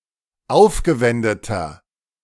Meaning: inflection of aufgewendet: 1. strong/mixed nominative masculine singular 2. strong genitive/dative feminine singular 3. strong genitive plural
- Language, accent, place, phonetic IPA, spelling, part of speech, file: German, Germany, Berlin, [ˈaʊ̯fɡəˌvɛndətɐ], aufgewendeter, adjective, De-aufgewendeter.ogg